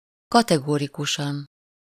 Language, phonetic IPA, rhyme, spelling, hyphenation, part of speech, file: Hungarian, [ˈkɒtɛɡorikuʃɒn], -ɒn, kategorikusan, ka‧te‧go‧ri‧ku‧san, adverb, Hu-kategorikusan.ogg
- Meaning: categorically